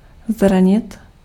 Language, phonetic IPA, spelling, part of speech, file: Czech, [ˈzraɲɪt], zranit, verb, Cs-zranit.ogg
- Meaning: to hurt, to injure